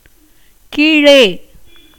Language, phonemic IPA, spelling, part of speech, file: Tamil, /kiːɻeː/, கீழே, adverb / postposition, Ta-கீழே.ogg
- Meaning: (adverb) down, under; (postposition) beneath, underneath, under, below